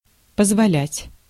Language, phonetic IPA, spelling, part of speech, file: Russian, [pəzvɐˈlʲætʲ], позволять, verb, Ru-позволять.ogg
- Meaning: to allow, to permit